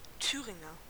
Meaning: 1. Thuringian (a native or inhabitant of Thuringia) 2. Thuringian (a member of an ancient Germanic tribe inhabiting central Germany)
- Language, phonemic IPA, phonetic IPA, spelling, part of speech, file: German, /ˈtyːʁɪŋəʁ/, [ˈtʰyːʁɪŋɐ], Thüringer, noun, De-Thüringer.ogg